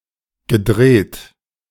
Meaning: past participle of drehen
- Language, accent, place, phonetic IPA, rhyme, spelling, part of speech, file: German, Germany, Berlin, [ɡəˈdʁeːt], -eːt, gedreht, verb, De-gedreht.ogg